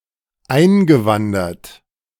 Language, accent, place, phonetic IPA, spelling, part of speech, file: German, Germany, Berlin, [ˈaɪ̯nɡəˌvandɐt], eingewandert, verb, De-eingewandert.ogg
- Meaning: past participle of einwandern